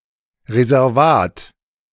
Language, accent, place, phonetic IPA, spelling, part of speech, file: German, Germany, Berlin, [ʁezɛʁˈvaːt], Reservat, noun, De-Reservat.ogg
- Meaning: 1. reserve, reservation 2. a reserved right, privilege 3. a reserve fund, reserve 4. remaining area of application